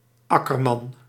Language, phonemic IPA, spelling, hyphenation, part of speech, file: Dutch, /ˈɑ.kərˌmɑn/, akkerman, ak‧ker‧man, noun, Nl-akkerman.ogg
- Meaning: farmer specialised in the cultivation of crops